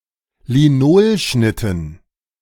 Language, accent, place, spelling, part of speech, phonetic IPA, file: German, Germany, Berlin, Linolschnitten, noun, [liˈnoːlˌʃnɪtn̩], De-Linolschnitten.ogg
- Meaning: dative plural of Linolschnitt